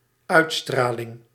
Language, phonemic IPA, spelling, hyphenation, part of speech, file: Dutch, /ˈœytstralɪŋ/, uitstraling, uit‧stra‧ling, noun, Nl-uitstraling.ogg
- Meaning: 1. eradiation 2. aura